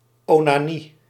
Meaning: masturbation, onanism; usually referring to historical contexts where it's regarded as a dangerous pathology
- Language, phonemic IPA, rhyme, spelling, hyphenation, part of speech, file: Dutch, /ˌoː.naːˈni/, -i, onanie, ona‧nie, noun, Nl-onanie.ogg